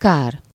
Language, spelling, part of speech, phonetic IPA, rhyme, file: Hungarian, kár, noun / interjection, [ˈkaːr], -aːr, Hu-kár.ogg
- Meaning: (noun) 1. damage, loss, detriment 2. shame, pity, too bad (something regrettable; used with a subordinate clause)